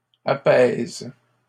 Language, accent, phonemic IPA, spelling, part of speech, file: French, Canada, /a.pɛz/, apaise, verb, LL-Q150 (fra)-apaise.wav
- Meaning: inflection of apaiser: 1. first/third-person singular present indicative/subjunctive 2. second-person singular imperative